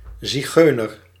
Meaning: 1. Gypsy, member of the Roma 2. gypsy, person who leads a nomadic life
- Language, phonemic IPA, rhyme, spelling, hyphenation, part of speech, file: Dutch, /ˌziˈɣøː.nər/, -øːnər, zigeuner, zi‧geu‧ner, noun, Nl-zigeuner.ogg